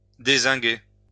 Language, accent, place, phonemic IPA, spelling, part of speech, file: French, France, Lyon, /de.zɛ̃.ɡe/, dézinguer, verb, LL-Q150 (fra)-dézinguer.wav
- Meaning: 1. to dezinc, to remove a previously-applied zinc coating from a surface 2. to supplant (remove forcibly) 3. to demolish (an argument) 4. to kill, gun down